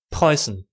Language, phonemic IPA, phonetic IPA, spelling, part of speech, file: German, /ˈprɔʏ̯sən/, [ˈpʁɔʏ̯.sn̩], Preußen, proper noun / noun, De-Preußen.ogg
- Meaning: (proper noun) Prussia (a geographical area on the Baltic coast of Northeast Europe)